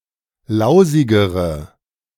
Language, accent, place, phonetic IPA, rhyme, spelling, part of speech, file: German, Germany, Berlin, [ˈlaʊ̯zɪɡəʁə], -aʊ̯zɪɡəʁə, lausigere, adjective, De-lausigere.ogg
- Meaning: inflection of lausig: 1. strong/mixed nominative/accusative feminine singular comparative degree 2. strong nominative/accusative plural comparative degree